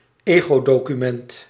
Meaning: any text in which the personal life and experiences of the author play an important and central role, including, but not limited to, diaries, travel logs, autobiographies and memoirs
- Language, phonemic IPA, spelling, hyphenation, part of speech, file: Dutch, /ˈeː.ɣoː.doː.kyˌmɛnt/, egodocument, ego‧do‧cu‧ment, noun, Nl-egodocument.ogg